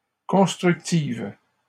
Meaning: feminine singular of constructif
- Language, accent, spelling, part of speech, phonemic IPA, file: French, Canada, constructive, adjective, /kɔ̃s.tʁyk.tiv/, LL-Q150 (fra)-constructive.wav